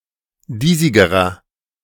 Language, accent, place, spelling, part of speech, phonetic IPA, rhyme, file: German, Germany, Berlin, diesigerer, adjective, [ˈdiːzɪɡəʁɐ], -iːzɪɡəʁɐ, De-diesigerer.ogg
- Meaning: inflection of diesig: 1. strong/mixed nominative masculine singular comparative degree 2. strong genitive/dative feminine singular comparative degree 3. strong genitive plural comparative degree